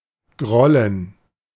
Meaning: 1. gerund of grollen 2. genitive of Groll
- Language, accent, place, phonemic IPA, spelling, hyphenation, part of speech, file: German, Germany, Berlin, /ˈɡʁɔlən/, Grollen, Grol‧len, noun, De-Grollen.ogg